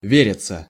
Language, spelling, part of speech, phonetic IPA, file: Russian, вериться, verb, [ˈvʲerʲɪt͡sə], Ru-вериться.ogg
- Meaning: 1. to be believed 2. to believe 3. passive of ве́рить (véritʹ)